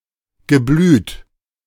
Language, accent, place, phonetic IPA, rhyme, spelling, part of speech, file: German, Germany, Berlin, [ɡəˈblyːt], -yːt, geblüht, verb, De-geblüht.ogg
- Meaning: past participle of blühen